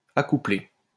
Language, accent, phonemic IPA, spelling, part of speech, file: French, France, /a.ku.ple/, accouplée, verb, LL-Q150 (fra)-accouplée.wav
- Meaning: feminine singular of accouplé